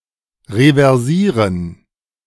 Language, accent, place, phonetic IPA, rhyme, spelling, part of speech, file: German, Germany, Berlin, [ʁevɛʁˈziːʁən], -iːʁən, reversieren, verb, De-reversieren.ogg
- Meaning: 1. to reverse (in a vehicle) 2. to commit to something in writing 3. to switch gears of a machine